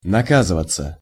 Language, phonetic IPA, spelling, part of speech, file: Russian, [nɐˈkazɨvət͡sə], наказываться, verb, Ru-наказываться.ogg
- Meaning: passive of нака́зывать (nakázyvatʹ)